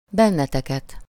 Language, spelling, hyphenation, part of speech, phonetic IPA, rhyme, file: Hungarian, benneteket, ben‧ne‧te‧ket, pronoun, [ˈbɛnːɛtɛkɛt], -ɛt, Hu-benneteket.ogg
- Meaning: synonym of titeket, accusative of ti (“you, you all, you guys”) (as the direct object of a verb)